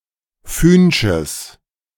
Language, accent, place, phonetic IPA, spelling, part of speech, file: German, Germany, Berlin, [ˈfyːnʃəs], fühnsches, adjective, De-fühnsches.ogg
- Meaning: strong/mixed nominative/accusative neuter singular of fühnsch